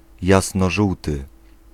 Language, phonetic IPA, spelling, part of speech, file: Polish, [ˌjasnɔˈʒuwtɨ], jasnożółty, adjective, Pl-jasnożółty.ogg